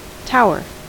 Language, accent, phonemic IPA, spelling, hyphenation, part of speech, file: English, US, /ˈtaʊɚ/, tower, tow‧er, noun, En-us-tower.ogg
- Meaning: A tall, narrow structure (significantly taller than it is wide, either standing alone or forming part of a larger structure